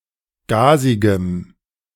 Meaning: strong dative masculine/neuter singular of gasig
- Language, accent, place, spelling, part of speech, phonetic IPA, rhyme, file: German, Germany, Berlin, gasigem, adjective, [ˈɡaːzɪɡəm], -aːzɪɡəm, De-gasigem.ogg